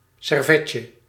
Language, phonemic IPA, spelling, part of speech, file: Dutch, /sɛrˈvɛcə/, servetje, noun, Nl-servetje.ogg
- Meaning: diminutive of servet